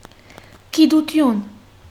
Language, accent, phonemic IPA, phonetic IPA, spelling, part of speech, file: Armenian, Western Armenian, /kiduˈtʏn/, [kʰidutʰʏ́n], գիտություն, noun, HyW-գիտություն.ogg
- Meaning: 1. science 2. knowledge